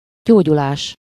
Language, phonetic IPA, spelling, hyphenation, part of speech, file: Hungarian, [ˈɟoːɟulaːʃ], gyógyulás, gyó‧gyu‧lás, noun, Hu-gyógyulás.ogg
- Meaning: 1. recovery, convalescence 2. healing (process)